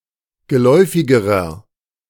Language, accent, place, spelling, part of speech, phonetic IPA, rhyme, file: German, Germany, Berlin, geläufigerer, adjective, [ɡəˈlɔɪ̯fɪɡəʁɐ], -ɔɪ̯fɪɡəʁɐ, De-geläufigerer.ogg
- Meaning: inflection of geläufig: 1. strong/mixed nominative masculine singular comparative degree 2. strong genitive/dative feminine singular comparative degree 3. strong genitive plural comparative degree